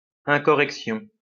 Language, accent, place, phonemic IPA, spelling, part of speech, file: French, France, Lyon, /ɛ̃.kɔ.ʁɛk.sjɔ̃/, incorrection, noun, LL-Q150 (fra)-incorrection.wav
- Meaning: 1. a fault, default or impropriety, especially of language 2. State of what is incorrect 3. Character of what goes against courtesy and politeness 4. act displaying such character